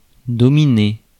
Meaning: 1. to dominate (govern, rule, or control by superior authority or power) 2. to dominate, to overpower, to subdue, to govern, to rule, to master 3. to dominate (one's competition)
- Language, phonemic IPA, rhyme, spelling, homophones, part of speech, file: French, /dɔ.mi.ne/, -e, dominer, dominai / dominé / dominée / dominées / dominés, verb, Fr-dominer.ogg